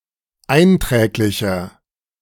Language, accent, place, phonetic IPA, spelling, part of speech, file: German, Germany, Berlin, [ˈaɪ̯nˌtʁɛːklɪçɐ], einträglicher, adjective, De-einträglicher.ogg
- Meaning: 1. comparative degree of einträglich 2. inflection of einträglich: strong/mixed nominative masculine singular 3. inflection of einträglich: strong genitive/dative feminine singular